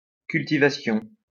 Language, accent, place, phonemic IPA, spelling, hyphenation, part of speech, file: French, France, Lyon, /kyl.ti.va.sjɔ̃/, cultivation, cul‧ti‧va‧tion, noun, LL-Q150 (fra)-cultivation.wav
- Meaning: cultivation